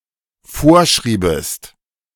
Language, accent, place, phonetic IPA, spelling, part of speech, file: German, Germany, Berlin, [ˈfoːɐ̯ˌʃʁiːbəst], vorschriebest, verb, De-vorschriebest.ogg
- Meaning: second-person singular dependent subjunctive II of vorschreiben